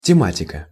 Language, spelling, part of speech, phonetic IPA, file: Russian, тематика, noun, [tʲɪˈmatʲɪkə], Ru-тематика.ogg
- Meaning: subject matter, subject area